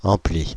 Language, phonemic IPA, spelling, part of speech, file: French, /ɑ̃.pli/, ampli, noun, Fr-ampli.ogg
- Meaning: amp (amplifier)